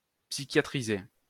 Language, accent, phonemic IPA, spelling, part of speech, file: French, France, /psi.kja.tʁi.ze/, psychiatrisé, verb, LL-Q150 (fra)-psychiatrisé.wav
- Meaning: past participle of psychiatriser